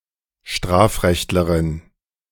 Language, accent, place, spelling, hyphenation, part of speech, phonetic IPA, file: German, Germany, Berlin, Strafrechtlerin, Straf‧recht‧le‧rin, noun, [ˈʃtʁaːfˌʁɛçtləʁɪn], De-Strafrechtlerin.ogg
- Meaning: female criminal law expert